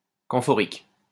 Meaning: camphoric
- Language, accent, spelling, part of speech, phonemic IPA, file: French, France, camphorique, adjective, /kɑ̃.fɔ.ʁik/, LL-Q150 (fra)-camphorique.wav